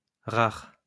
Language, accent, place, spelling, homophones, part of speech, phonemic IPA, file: French, France, Lyon, rares, rare, adjective, /ʁaʁ/, LL-Q150 (fra)-rares.wav
- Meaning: plural of rare